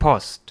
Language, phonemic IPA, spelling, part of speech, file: German, /pɔst/, Post, noun, De-Post.ogg
- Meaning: 1. mail, post (sent and received letters etc.) 2. mail, post, postal service (method of sending mail; organisation for it) 3. post office